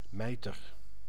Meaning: mitre (headgear worn on solemn occasions by church dignitaries)
- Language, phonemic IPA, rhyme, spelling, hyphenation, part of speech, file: Dutch, /ˈmɛi̯.tər/, -ɛi̯tər, mijter, mij‧ter, noun, Nl-mijter.ogg